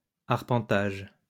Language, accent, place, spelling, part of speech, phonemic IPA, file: French, France, Lyon, arpentage, noun, /aʁ.pɑ̃.taʒ/, LL-Q150 (fra)-arpentage.wav
- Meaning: 1. surveying 2. survey